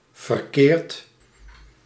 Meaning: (adjective) 1. wrong 2. distorted; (verb) past participle of verkeren
- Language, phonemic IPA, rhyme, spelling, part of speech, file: Dutch, /vər.ˈkeːrt/, -eːrt, verkeerd, adjective / verb, Nl-verkeerd.ogg